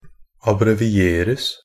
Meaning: passive of abbreviere
- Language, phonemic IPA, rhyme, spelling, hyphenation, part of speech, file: Norwegian Bokmål, /abrɛʋɪˈeːrəs/, -əs, abbrevieres, ab‧bre‧vi‧er‧es, verb, NB - Pronunciation of Norwegian Bokmål «abbrevieres».ogg